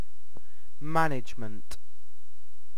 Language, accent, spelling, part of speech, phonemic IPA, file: English, UK, management, noun, /ˈmæn.ɪdʒ.mənt/, En-uk-management.ogg
- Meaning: Administration; the use of limited resources combined with forecasting, planning, leadership and execution skills to achieve predetermined specific goals